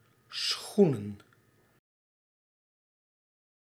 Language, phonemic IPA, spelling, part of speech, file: Dutch, /ˈsxu.nə(n)/, schoenen, noun, Nl-schoenen.ogg
- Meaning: plural of schoen